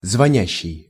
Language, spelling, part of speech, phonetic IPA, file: Russian, звонящий, verb, [zvɐˈnʲæɕːɪj], Ru-звонящий.ogg
- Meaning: present active imperfective participle of звони́ть (zvonítʹ)